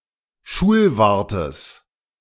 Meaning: genitive of Schulwart
- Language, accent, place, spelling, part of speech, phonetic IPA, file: German, Germany, Berlin, Schulwartes, noun, [ˈʃuːlˌvaʁtəs], De-Schulwartes.ogg